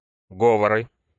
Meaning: nominative/accusative plural of го́вор (góvor)
- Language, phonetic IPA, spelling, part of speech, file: Russian, [ˈɡovərɨ], говоры, noun, Ru-говоры.ogg